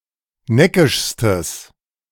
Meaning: strong/mixed nominative/accusative neuter singular superlative degree of neckisch
- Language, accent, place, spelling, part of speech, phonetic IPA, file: German, Germany, Berlin, neckischstes, adjective, [ˈnɛkɪʃstəs], De-neckischstes.ogg